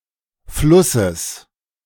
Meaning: genitive singular of Fluss
- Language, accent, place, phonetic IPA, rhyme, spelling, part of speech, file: German, Germany, Berlin, [ˈflʊsəs], -ʊsəs, Flusses, noun, De-Flusses.ogg